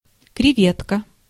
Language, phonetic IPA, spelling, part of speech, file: Russian, [krʲɪˈvʲetkə], креветка, noun, Ru-креветка.ogg
- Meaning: shrimp, prawn